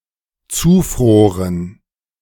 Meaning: first/third-person plural dependent preterite of zufrieren
- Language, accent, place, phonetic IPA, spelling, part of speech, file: German, Germany, Berlin, [ˈt͡suːˌfʁoːʁən], zufroren, verb, De-zufroren.ogg